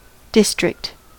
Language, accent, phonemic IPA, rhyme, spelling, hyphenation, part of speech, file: English, US, /ˈdɪstɹɪkt/, -ɪstɹɪkt, district, dis‧trict, noun / verb / adjective, En-us-district.ogg
- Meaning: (noun) 1. An administrative division of an area 2. An area or region marked by some distinguishing feature 3. An administrative division of a county without the status of a borough